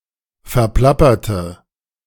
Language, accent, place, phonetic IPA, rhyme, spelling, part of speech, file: German, Germany, Berlin, [fɛɐ̯ˈplapɐtə], -apɐtə, verplapperte, adjective / verb, De-verplapperte.ogg
- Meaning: inflection of verplappern: 1. first/third-person singular preterite 2. first/third-person singular subjunctive II